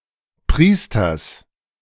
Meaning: genitive singular of Priester
- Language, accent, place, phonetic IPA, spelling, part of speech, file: German, Germany, Berlin, [ˈpʁiːstɐs], Priesters, noun, De-Priesters.ogg